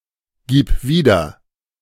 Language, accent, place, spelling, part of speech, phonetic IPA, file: German, Germany, Berlin, gib wieder, verb, [ˌɡiːp ˈviːdɐ], De-gib wieder.ogg
- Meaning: singular imperative of wiedergeben